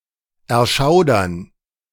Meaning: to shudder, cringe
- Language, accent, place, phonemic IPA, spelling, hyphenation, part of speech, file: German, Germany, Berlin, /ɛɐ̯ˈʃaʊ̯dɐn/, erschaudern, er‧schau‧dern, verb, De-erschaudern.ogg